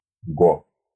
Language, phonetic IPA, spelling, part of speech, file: Russian, [ɡo], го, noun, Ru-го.ogg
- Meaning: go (board game)